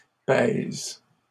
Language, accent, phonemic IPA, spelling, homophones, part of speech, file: French, Canada, /pɛz/, pèse, pèsent / pèses / pèze, verb, LL-Q150 (fra)-pèse.wav
- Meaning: inflection of peser: 1. first/third-person singular present indicative/subjunctive 2. second-person singular imperative